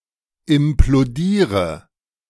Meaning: inflection of implodieren: 1. first-person singular present 2. first/third-person singular subjunctive I 3. singular imperative
- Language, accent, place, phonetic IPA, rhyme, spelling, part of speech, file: German, Germany, Berlin, [ɪmploˈdiːʁə], -iːʁə, implodiere, verb, De-implodiere.ogg